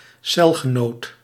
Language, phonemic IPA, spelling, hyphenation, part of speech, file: Dutch, /ˈsɛl.ɣəˌnoːt/, celgenoot, cel‧ge‧noot, noun, Nl-celgenoot.ogg
- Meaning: cellmate